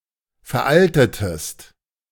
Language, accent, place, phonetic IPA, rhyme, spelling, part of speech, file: German, Germany, Berlin, [fɛɐ̯ˈʔaltətəst], -altətəst, veraltetest, verb, De-veraltetest.ogg
- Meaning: inflection of veralten: 1. second-person singular preterite 2. second-person singular subjunctive II